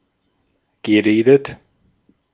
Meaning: past participle of reden
- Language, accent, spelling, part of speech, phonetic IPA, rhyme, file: German, Austria, geredet, verb, [ɡəˈʁeːdət], -eːdət, De-at-geredet.ogg